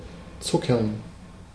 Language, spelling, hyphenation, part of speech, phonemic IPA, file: German, zuckern, zu‧ckern, verb, /ˈtsʊkɐn/, De-zuckern.ogg
- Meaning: to sugar